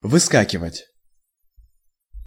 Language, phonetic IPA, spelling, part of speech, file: Russian, [vɨˈskakʲɪvətʲ], выскакивать, verb, Ru-выскакивать.ogg
- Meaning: 1. to jump out, to leap out 2. to appear, to come up (of a sore, pimple, etc.) 3. to drop out, to fall out